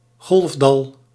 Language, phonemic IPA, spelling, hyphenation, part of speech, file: Dutch, /ˈɣɔlf.dɑl/, golfdal, golf‧dal, noun, Nl-golfdal.ogg
- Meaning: trough of a wave